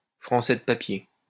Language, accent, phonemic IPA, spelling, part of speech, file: French, France, /fʁɑ̃.sɛ d(ə) pa.pje/, Français de papier, noun, LL-Q150 (fra)-Français de papier.wav
- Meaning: a newly-naturalized Frenchman